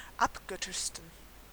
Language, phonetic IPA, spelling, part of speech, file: German, [ˈapˌɡœtɪʃstn̩], abgöttischsten, adjective, De-abgöttischsten.ogg
- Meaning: 1. superlative degree of abgöttisch 2. inflection of abgöttisch: strong genitive masculine/neuter singular superlative degree